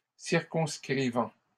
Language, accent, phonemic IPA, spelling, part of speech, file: French, Canada, /siʁ.kɔ̃s.kʁi.vɑ̃/, circonscrivant, verb, LL-Q150 (fra)-circonscrivant.wav
- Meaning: present participle of circonscrire